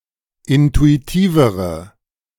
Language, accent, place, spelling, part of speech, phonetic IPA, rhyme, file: German, Germany, Berlin, intuitivere, adjective, [ˌɪntuiˈtiːvəʁə], -iːvəʁə, De-intuitivere.ogg
- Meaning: inflection of intuitiv: 1. strong/mixed nominative/accusative feminine singular comparative degree 2. strong nominative/accusative plural comparative degree